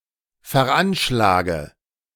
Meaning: inflection of veranschlagen: 1. first-person singular present 2. first/third-person singular subjunctive I 3. singular imperative
- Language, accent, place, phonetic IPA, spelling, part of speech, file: German, Germany, Berlin, [fɛɐ̯ˈʔanʃlaːɡə], veranschlage, verb, De-veranschlage.ogg